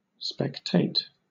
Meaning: To attend an event as a spectator; to observe
- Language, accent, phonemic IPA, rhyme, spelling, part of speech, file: English, Southern England, /spɛkˈteɪt/, -eɪt, spectate, verb, LL-Q1860 (eng)-spectate.wav